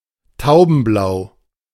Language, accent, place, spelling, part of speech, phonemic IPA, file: German, Germany, Berlin, taubenblau, adjective, /ˈtaʊ̯bn̩ˌblaʊ̯/, De-taubenblau.ogg
- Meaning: blue-grey